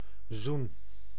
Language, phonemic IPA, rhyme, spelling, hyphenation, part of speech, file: Dutch, /zun/, -un, zoen, zoen, noun / verb, Nl-zoen.ogg
- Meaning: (noun) 1. kiss, smooch 2. reconciliation, saught (act of reconciling or state of being reconciled) 3. atonement (act of atoning); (verb) inflection of zoenen: first-person singular present indicative